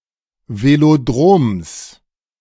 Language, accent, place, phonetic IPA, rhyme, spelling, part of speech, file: German, Germany, Berlin, [veloˈdʁoːms], -oːms, Velodroms, noun, De-Velodroms.ogg
- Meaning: genitive of Velodrom